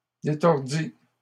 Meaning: third-person singular imperfect subjunctive of détordre
- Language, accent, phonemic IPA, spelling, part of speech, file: French, Canada, /de.tɔʁ.di/, détordît, verb, LL-Q150 (fra)-détordît.wav